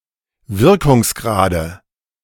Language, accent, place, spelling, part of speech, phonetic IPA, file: German, Germany, Berlin, Wirkungsgrade, noun, [ˈvɪʁkʊŋsˌɡʁaːdə], De-Wirkungsgrade.ogg
- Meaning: nominative/accusative/genitive plural of Wirkungsgrad